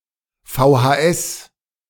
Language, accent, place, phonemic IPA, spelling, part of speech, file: German, Germany, Berlin, /ˌfaʊ̯haˈɛs/, VHS, noun, De-VHS.ogg
- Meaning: 1. initialism of Volkshochschule 2. VHS